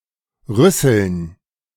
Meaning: dative plural of Rüssel
- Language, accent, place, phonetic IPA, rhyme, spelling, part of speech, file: German, Germany, Berlin, [ˈʁʏsl̩n], -ʏsl̩n, Rüsseln, noun, De-Rüsseln.ogg